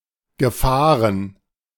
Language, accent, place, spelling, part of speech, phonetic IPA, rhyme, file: German, Germany, Berlin, Gefahren, noun, [ɡəˈfaːʁən], -aːʁən, De-Gefahren.ogg
- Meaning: plural of Gefahr